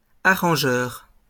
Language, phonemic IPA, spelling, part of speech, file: French, /a.ʁɑ̃.ʒœʁ/, arrangeurs, noun, LL-Q150 (fra)-arrangeurs.wav
- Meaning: plural of arrangeur